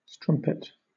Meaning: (noun) 1. A female prostitute 2. A woman who is promiscuous 3. A female adulterer 4. A mistress 5. A trollop; a whore; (verb) To debauch
- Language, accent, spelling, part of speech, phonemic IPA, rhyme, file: English, Southern England, strumpet, noun / verb, /ˈstɹʌm.pɪt/, -ʌmpɪt, LL-Q1860 (eng)-strumpet.wav